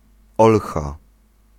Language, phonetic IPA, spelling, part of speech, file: Polish, [ˈɔlxa], olcha, noun, Pl-olcha.ogg